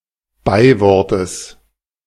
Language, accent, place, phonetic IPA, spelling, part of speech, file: German, Germany, Berlin, [ˈbaɪ̯ˌvɔʁtəs], Beiwortes, noun, De-Beiwortes.ogg
- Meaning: genitive of Beiwort